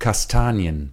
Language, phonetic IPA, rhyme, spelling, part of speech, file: German, [kasˈtaːni̯ən], -aːni̯ən, Kastanien, noun, De-Kastanien.ogg
- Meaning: plural of Kastanie